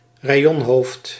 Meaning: one who is responsible for one of the 22 route segments ("regions") of the Elfstedentocht
- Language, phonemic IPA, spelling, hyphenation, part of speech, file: Dutch, /raːˈjɔnˌɦoːft/, rayonhoofd, ra‧y‧on‧hoofd, noun, Nl-rayonhoofd.ogg